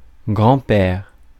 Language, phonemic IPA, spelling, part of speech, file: French, /ɡʁɑ̃.pɛʁ/, grand-père, noun, Fr-grand-père.ogg
- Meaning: grandfather